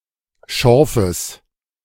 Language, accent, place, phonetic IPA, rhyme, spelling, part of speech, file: German, Germany, Berlin, [ˈʃɔʁfəs], -ɔʁfəs, Schorfes, noun, De-Schorfes.ogg
- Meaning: genitive singular of Schorf